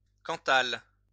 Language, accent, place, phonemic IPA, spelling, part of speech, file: French, France, Lyon, /kɑ̃.tal/, cantal, noun, LL-Q150 (fra)-cantal.wav
- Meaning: Cantal (cheese)